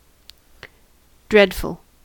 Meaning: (adjective) Full of something causing dread, whether: 1. Genuinely horrific, awful, or alarming; dangerous, risky 2. Unpleasant, awful, very bad (also used as an intensifier)
- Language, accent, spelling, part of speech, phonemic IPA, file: English, US, dreadful, adjective / adverb / noun, /ˈdɹɛd.fl̩/, En-us-dreadful.ogg